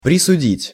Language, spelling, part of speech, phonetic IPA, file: Russian, присудить, verb, [prʲɪsʊˈdʲitʲ], Ru-присудить.ogg
- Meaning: 1. to sentence (to), to condemn (to) 2. to award, to adjudge, to confer (on)